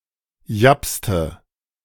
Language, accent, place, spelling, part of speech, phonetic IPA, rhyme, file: German, Germany, Berlin, japste, verb, [ˈjapstə], -apstə, De-japste.ogg
- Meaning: inflection of japsen: 1. first/third-person singular preterite 2. first/third-person singular subjunctive II